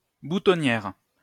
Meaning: 1. buttonhole 2. boutonniere
- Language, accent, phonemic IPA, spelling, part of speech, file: French, France, /bu.tɔ.njɛʁ/, boutonnière, noun, LL-Q150 (fra)-boutonnière.wav